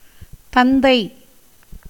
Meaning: father
- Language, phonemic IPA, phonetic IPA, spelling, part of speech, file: Tamil, /t̪ɐnd̪ɐɪ̯/, [t̪ɐn̪d̪ɐɪ̯], தந்தை, noun, Ta-தந்தை.ogg